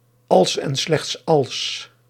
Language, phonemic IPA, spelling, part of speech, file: Dutch, /ɑls ɛn slɛxts ɑls/, als en slechts als, conjunction, Nl-als en slechts als.ogg
- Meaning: if and only if